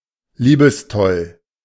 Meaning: love-crazy (madly in love)
- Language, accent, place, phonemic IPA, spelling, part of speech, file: German, Germany, Berlin, /ˈliːbəsˌtɔl/, liebestoll, adjective, De-liebestoll.ogg